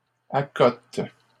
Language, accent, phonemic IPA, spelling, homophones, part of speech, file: French, Canada, /a.kɔt/, accotent, accote / accotes, verb, LL-Q150 (fra)-accotent.wav
- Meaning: third-person plural present indicative/subjunctive of accoter